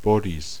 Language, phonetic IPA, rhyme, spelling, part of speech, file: German, [ˈbɔdis], -ɔdis, Bodys, noun, De-Bodys.ogg
- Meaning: 1. genitive singular of Body 2. plural of Body